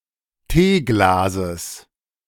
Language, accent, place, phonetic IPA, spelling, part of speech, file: German, Germany, Berlin, [ˈteːˌɡlaːzəs], Teeglases, noun, De-Teeglases.ogg
- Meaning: genitive singular of Teeglas